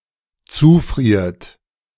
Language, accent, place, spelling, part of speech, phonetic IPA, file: German, Germany, Berlin, zufriert, verb, [ˈt͡suːˌfʁiːɐ̯t], De-zufriert.ogg
- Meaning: inflection of zufrieren: 1. third-person singular dependent present 2. second-person plural dependent present